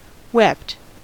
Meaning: simple past and past participle of weep
- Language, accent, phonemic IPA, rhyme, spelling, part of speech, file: English, US, /wɛpt/, -ɛpt, wept, verb, En-us-wept.ogg